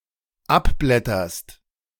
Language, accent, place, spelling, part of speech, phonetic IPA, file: German, Germany, Berlin, abblätterst, verb, [ˈapˌblɛtɐst], De-abblätterst.ogg
- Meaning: second-person singular dependent present of abblättern